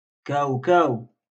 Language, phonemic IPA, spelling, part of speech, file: Moroccan Arabic, /kaːw.kaːw/, كاوكاو, noun, LL-Q56426 (ary)-كاوكاو.wav
- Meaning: peanut